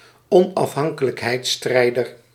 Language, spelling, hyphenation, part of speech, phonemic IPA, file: Dutch, onafhankelijkheidsstrijder, on‧af‧han‧ke‧lijk‧heids‧strij‧der, noun, /ɔn.ɑfˈɦɑŋ.kə.lək.ɦɛi̯tˌstrɛi̯.dər/, Nl-onafhankelijkheidsstrijder.ogg
- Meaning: independence fighter